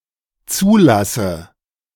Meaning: inflection of zulassen: 1. first-person singular dependent present 2. first/third-person singular dependent subjunctive I
- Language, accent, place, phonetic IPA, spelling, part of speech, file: German, Germany, Berlin, [ˈt͡suːˌlasə], zulasse, verb, De-zulasse.ogg